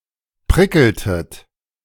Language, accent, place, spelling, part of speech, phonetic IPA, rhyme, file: German, Germany, Berlin, prickeltet, verb, [ˈpʁɪkl̩tət], -ɪkl̩tət, De-prickeltet.ogg
- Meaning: inflection of prickeln: 1. second-person plural preterite 2. second-person plural subjunctive II